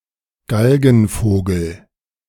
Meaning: good-for-nothing
- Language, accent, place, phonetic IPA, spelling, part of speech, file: German, Germany, Berlin, [ˈɡalɡn̩foːɡl̩], Galgenvogel, noun, De-Galgenvogel.ogg